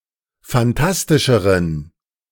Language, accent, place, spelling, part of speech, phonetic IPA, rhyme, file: German, Germany, Berlin, phantastischeren, adjective, [fanˈtastɪʃəʁən], -astɪʃəʁən, De-phantastischeren.ogg
- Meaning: inflection of phantastisch: 1. strong genitive masculine/neuter singular comparative degree 2. weak/mixed genitive/dative all-gender singular comparative degree